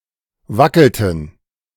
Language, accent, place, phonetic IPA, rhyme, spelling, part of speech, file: German, Germany, Berlin, [ˈvakl̩tn̩], -akl̩tn̩, wackelten, verb, De-wackelten.ogg
- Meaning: inflection of wackeln: 1. first/third-person plural preterite 2. first/third-person plural subjunctive II